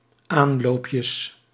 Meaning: plural of aanloopje
- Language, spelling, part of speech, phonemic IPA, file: Dutch, aanloopjes, noun, /ˈanlopjəs/, Nl-aanloopjes.ogg